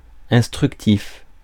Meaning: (adjective) instructive (conveying knowledge, information or instruction); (noun) instructive, instructive case
- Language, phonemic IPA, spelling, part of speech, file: French, /ɛ̃s.tʁyk.tif/, instructif, adjective / noun, Fr-instructif.ogg